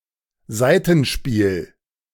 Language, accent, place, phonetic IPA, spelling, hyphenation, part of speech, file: German, Germany, Berlin, [ˈzaɪ̯tn̩ˌʃpiːl], Saitenspiel, Sai‧ten‧spiel, noun, De-Saitenspiel.ogg
- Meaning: 1. string music 2. string instrument 3. human emotions and feelings